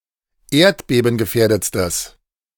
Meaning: strong/mixed nominative/accusative neuter singular superlative degree of erdbebengefährdet
- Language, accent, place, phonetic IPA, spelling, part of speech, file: German, Germany, Berlin, [ˈeːɐ̯tbeːbn̩ɡəˌfɛːɐ̯dət͡stəs], erdbebengefährdetstes, adjective, De-erdbebengefährdetstes.ogg